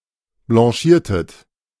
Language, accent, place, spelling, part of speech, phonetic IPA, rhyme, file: German, Germany, Berlin, blanchiertet, verb, [blɑ̃ˈʃiːɐ̯tət], -iːɐ̯tət, De-blanchiertet.ogg
- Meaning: inflection of blanchieren: 1. second-person plural preterite 2. second-person plural subjunctive II